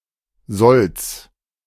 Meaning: genitive of Sold
- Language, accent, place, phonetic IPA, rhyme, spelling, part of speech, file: German, Germany, Berlin, [zɔlt͡s], -ɔlt͡s, Solds, noun, De-Solds.ogg